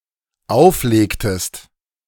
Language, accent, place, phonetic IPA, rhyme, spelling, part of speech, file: German, Germany, Berlin, [ˈaʊ̯fˌleːktəst], -aʊ̯fleːktəst, auflegtest, verb, De-auflegtest.ogg
- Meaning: inflection of auflegen: 1. second-person singular dependent preterite 2. second-person singular dependent subjunctive II